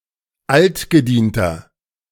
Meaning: inflection of altgedient: 1. strong/mixed nominative masculine singular 2. strong genitive/dative feminine singular 3. strong genitive plural
- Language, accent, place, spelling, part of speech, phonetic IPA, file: German, Germany, Berlin, altgedienter, adjective, [ˈaltɡəˌdiːntɐ], De-altgedienter.ogg